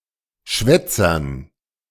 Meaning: dative plural of Schwätzer
- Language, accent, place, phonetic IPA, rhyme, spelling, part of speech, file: German, Germany, Berlin, [ˈʃvɛt͡sɐn], -ɛt͡sɐn, Schwätzern, noun, De-Schwätzern.ogg